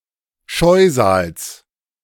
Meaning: genitive of Scheusal
- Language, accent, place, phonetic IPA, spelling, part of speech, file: German, Germany, Berlin, [ˈʃɔɪ̯zaːls], Scheusals, noun, De-Scheusals.ogg